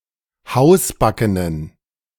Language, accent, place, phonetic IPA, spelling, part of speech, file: German, Germany, Berlin, [ˈhaʊ̯sˌbakənən], hausbackenen, adjective, De-hausbackenen.ogg
- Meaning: inflection of hausbacken: 1. strong genitive masculine/neuter singular 2. weak/mixed genitive/dative all-gender singular 3. strong/weak/mixed accusative masculine singular 4. strong dative plural